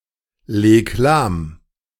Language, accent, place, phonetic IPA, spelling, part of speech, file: German, Germany, Berlin, [ˌleːk ˈlaːm], leg lahm, verb, De-leg lahm.ogg
- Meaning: 1. singular imperative of lahmlegen 2. first-person singular present of lahmlegen